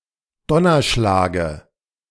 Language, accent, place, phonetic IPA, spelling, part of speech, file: German, Germany, Berlin, [ˈdɔnɐˌʃlaːɡə], Donnerschlage, noun, De-Donnerschlage.ogg
- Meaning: dative singular of Donnerschlag